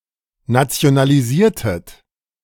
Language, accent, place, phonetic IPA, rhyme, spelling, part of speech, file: German, Germany, Berlin, [nat͡si̯onaliˈziːɐ̯tət], -iːɐ̯tət, nationalisiertet, verb, De-nationalisiertet.ogg
- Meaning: inflection of nationalisieren: 1. second-person plural preterite 2. second-person plural subjunctive II